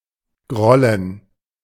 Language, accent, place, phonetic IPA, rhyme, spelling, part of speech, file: German, Germany, Berlin, [ˈɡʁɔlən], -ɔlən, grollen, verb, De-grollen.ogg
- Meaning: 1. to grumble, to thunder 2. to be angry